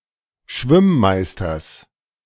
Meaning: genitive singular of Schwimm-Meister
- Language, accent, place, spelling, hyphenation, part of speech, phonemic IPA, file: German, Germany, Berlin, Schwimm-Meisters, Schwimm-‧Meis‧ters, noun, /ˈʃvɪmˌmaɪ̯stɐs/, De-Schwimm-Meisters.ogg